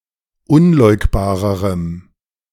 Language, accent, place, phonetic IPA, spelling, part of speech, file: German, Germany, Berlin, [ˈʊnˌlɔɪ̯kbaːʁəʁəm], unleugbarerem, adjective, De-unleugbarerem.ogg
- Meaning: strong dative masculine/neuter singular comparative degree of unleugbar